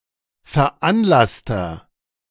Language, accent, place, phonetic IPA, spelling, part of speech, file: German, Germany, Berlin, [fɛɐ̯ˈʔanˌlastɐ], veranlasster, adjective, De-veranlasster.ogg
- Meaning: inflection of veranlasst: 1. strong/mixed nominative masculine singular 2. strong genitive/dative feminine singular 3. strong genitive plural